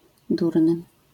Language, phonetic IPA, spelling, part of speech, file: Polish, [ˈdurnɨ], durny, adjective, LL-Q809 (pol)-durny.wav